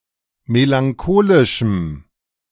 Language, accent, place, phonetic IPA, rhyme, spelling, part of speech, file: German, Germany, Berlin, [melaŋˈkoːlɪʃm̩], -oːlɪʃm̩, melancholischem, adjective, De-melancholischem.ogg
- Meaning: strong dative masculine/neuter singular of melancholisch